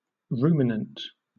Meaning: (adjective) 1. Chewing cud 2. Pondering; ruminative; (noun) Any artiodactyl ungulate mammal which chews cud in the suborder Ruminantia, such as cattle or deer
- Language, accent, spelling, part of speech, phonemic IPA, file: English, Southern England, ruminant, adjective / noun, /ˈɹuːmɪnənt/, LL-Q1860 (eng)-ruminant.wav